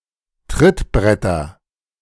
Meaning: nominative/accusative/genitive plural of Trittbrett
- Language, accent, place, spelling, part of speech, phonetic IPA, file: German, Germany, Berlin, Trittbretter, noun, [ˈtʁɪtˌbʁɛtɐ], De-Trittbretter.ogg